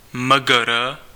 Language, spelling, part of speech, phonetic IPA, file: Czech, Mgr., abbreviation, [mə.gə.rə.], Cs-Mgr..ogg
- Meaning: abbreviation of magistr/magistra (academic title)